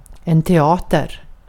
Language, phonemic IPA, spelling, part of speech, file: Swedish, /teˈɑː.tɛr/, teater, noun, Sv-teater.ogg
- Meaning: 1. theatre (art form) 2. a theatre (building or institution)